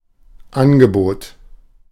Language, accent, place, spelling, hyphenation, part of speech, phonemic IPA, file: German, Germany, Berlin, Angebot, An‧ge‧bot, noun, /ˈanɡəˌboːt/, De-Angebot.ogg
- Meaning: 1. offer, proposition 2. quote, estimate, offer (as made by an artisan) 3. sale, bargain, offer (with a lowered price) 4. a range of products or services provided by a company or institution